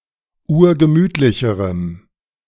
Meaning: strong dative masculine/neuter singular comparative degree of urgemütlich
- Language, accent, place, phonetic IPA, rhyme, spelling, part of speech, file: German, Germany, Berlin, [ˈuːɐ̯ɡəˈmyːtlɪçəʁəm], -yːtlɪçəʁəm, urgemütlicherem, adjective, De-urgemütlicherem.ogg